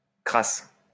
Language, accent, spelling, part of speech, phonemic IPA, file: French, France, crasse, adjective / noun / verb, /kʁas/, LL-Q150 (fra)-crasse.wav
- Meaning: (adjective) 1. crass 2. dirty, filthy; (noun) 1. filth, muck 2. froth, foam; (verb) inflection of crasser: first/third-person singular present indicative/subjunctive